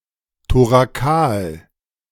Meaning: thoracal
- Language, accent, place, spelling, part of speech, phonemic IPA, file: German, Germany, Berlin, thorakal, adjective, /toʁaˈkaːl/, De-thorakal.ogg